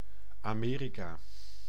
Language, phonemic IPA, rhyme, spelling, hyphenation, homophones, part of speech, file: Dutch, /ɑˈmeː.ri.kaː/, -eːrikaː, Amerika, Ame‧ri‧ka, America, proper noun, Nl-Amerika.ogg
- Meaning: America, the Americas (a supercontinent consisting of North America, Central America and South America regarded as a whole; in full, the Americas)